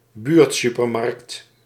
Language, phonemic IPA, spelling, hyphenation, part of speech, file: Dutch, /ˈbyːrtˌsy.pər.mɑrkt/, buurtsupermarkt, buurt‧su‧per‧markt, noun, Nl-buurtsupermarkt.ogg
- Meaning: small local supermarket, neighbourhood grocery store, convenience store